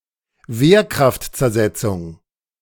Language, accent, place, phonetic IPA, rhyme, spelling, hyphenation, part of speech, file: German, Germany, Berlin, [ˈveːɐ̯ˌkʁaft.t͡sɛɐ̯ˈzɛt͡sʊŋ], -ɛt͡sʊŋ, Wehrkraftzersetzung, Wehr‧kraft‧zer‧set‧zung, noun, De-Wehrkraftzersetzung.ogg
- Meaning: undermining military force (undermining of military morale; a sedition offence in German military law during the Nazi Germany era from 1938 to 1945)